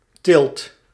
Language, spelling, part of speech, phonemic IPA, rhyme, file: Dutch, tilt, noun / verb, /tɪlt/, -ɪlt, Nl-tilt.ogg
- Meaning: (noun) only used in op tilt; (verb) inflection of tillen: 1. second/third-person singular present indicative 2. plural imperative